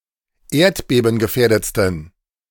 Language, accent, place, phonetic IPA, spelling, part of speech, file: German, Germany, Berlin, [ˈeːɐ̯tbeːbn̩ɡəˌfɛːɐ̯dət͡stn̩], erdbebengefährdetsten, adjective, De-erdbebengefährdetsten.ogg
- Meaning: 1. superlative degree of erdbebengefährdet 2. inflection of erdbebengefährdet: strong genitive masculine/neuter singular superlative degree